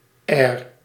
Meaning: -ary; of or pertaining to
- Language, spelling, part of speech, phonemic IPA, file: Dutch, -air, suffix, /ɛːr/, Nl--air.ogg